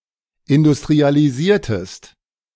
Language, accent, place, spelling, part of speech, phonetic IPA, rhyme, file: German, Germany, Berlin, industrialisiertest, verb, [ɪndʊstʁialiˈziːɐ̯təst], -iːɐ̯təst, De-industrialisiertest.ogg
- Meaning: inflection of industrialisieren: 1. second-person singular preterite 2. second-person singular subjunctive II